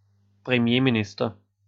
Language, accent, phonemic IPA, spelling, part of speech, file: German, Austria, /pʁemˈjeːmiˌnɪstɐ/, Premierminister, noun, De-at-Premierminister.ogg
- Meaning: prime minister